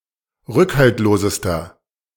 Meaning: inflection of rückhaltlos: 1. strong/mixed nominative masculine singular superlative degree 2. strong genitive/dative feminine singular superlative degree 3. strong genitive plural superlative degree
- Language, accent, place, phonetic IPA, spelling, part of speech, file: German, Germany, Berlin, [ˈʁʏkhaltloːzəstɐ], rückhaltlosester, adjective, De-rückhaltlosester.ogg